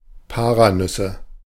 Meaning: nominative/accusative/genitive plural of Paranuss
- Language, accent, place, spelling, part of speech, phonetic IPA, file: German, Germany, Berlin, Paranüsse, noun, [ˈpaːʁaˌnʏsə], De-Paranüsse.ogg